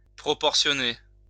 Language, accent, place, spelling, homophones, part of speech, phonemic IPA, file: French, France, Lyon, proportionner, proportionnai / proportionné / proportionnée / proportionnées / proportionnés / proportionnez, verb, /pʁɔ.pɔʁ.sjɔ.ne/, LL-Q150 (fra)-proportionner.wav
- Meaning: to proportion